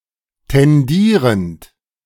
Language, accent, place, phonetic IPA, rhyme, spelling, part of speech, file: German, Germany, Berlin, [tɛnˈdiːʁənt], -iːʁənt, tendierend, verb, De-tendierend.ogg
- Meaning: present participle of tendieren